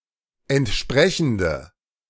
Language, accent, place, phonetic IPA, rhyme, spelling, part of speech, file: German, Germany, Berlin, [ɛntˈʃpʁɛçn̩də], -ɛçn̩də, entsprechende, adjective, De-entsprechende.ogg
- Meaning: inflection of entsprechend: 1. strong/mixed nominative/accusative feminine singular 2. strong nominative/accusative plural 3. weak nominative all-gender singular